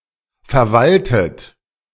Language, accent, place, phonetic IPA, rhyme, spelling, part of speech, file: German, Germany, Berlin, [fɛɐ̯ˈvaltət], -altət, verwaltet, verb, De-verwaltet.ogg
- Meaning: 1. past participle of verwalten 2. inflection of verwalten: third-person singular present 3. inflection of verwalten: second-person plural present 4. inflection of verwalten: plural imperative